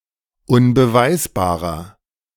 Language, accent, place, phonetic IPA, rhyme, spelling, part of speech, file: German, Germany, Berlin, [ʊnbəˈvaɪ̯sbaːʁɐ], -aɪ̯sbaːʁɐ, unbeweisbarer, adjective, De-unbeweisbarer.ogg
- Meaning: 1. comparative degree of unbeweisbar 2. inflection of unbeweisbar: strong/mixed nominative masculine singular 3. inflection of unbeweisbar: strong genitive/dative feminine singular